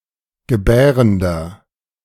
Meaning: inflection of gebärend: 1. strong/mixed nominative masculine singular 2. strong genitive/dative feminine singular 3. strong genitive plural
- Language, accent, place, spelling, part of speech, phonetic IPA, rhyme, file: German, Germany, Berlin, gebärender, adjective, [ɡəˈbɛːʁəndɐ], -ɛːʁəndɐ, De-gebärender.ogg